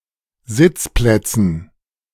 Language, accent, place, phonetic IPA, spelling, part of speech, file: German, Germany, Berlin, [ˈzɪt͡sˌplɛt͡sn̩], Sitzplätzen, noun, De-Sitzplätzen.ogg
- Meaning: dative plural of Sitzplatz